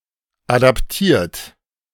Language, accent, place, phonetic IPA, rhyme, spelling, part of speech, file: German, Germany, Berlin, [ˌadapˈtiːɐ̯t], -iːɐ̯t, adaptiert, verb, De-adaptiert.ogg
- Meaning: 1. past participle of adaptieren 2. inflection of adaptieren: second-person plural present 3. inflection of adaptieren: third-person singular present 4. inflection of adaptieren: plural imperative